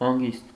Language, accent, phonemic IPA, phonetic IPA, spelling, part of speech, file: Armenian, Eastern Armenian, /hɑnˈɡist/, [hɑŋɡíst], հանգիստ, noun / adjective / adverb / interjection, Hy-հանգիստ.ogg
- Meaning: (noun) 1. rest, repose 2. calm, calmness; quiet, tranquillity 3. pause, break 4. sleep 5. death; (adjective) calm, tranquil, peaceful; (adverb) 1. calmly, peacefully, quietly 2. easily